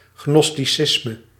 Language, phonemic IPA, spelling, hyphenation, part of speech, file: Dutch, /ˌɣnɔstiˈsɪsmə/, gnosticisme, gnos‧ti‧cis‧me, noun, Nl-gnosticisme.ogg
- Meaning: Gnosticism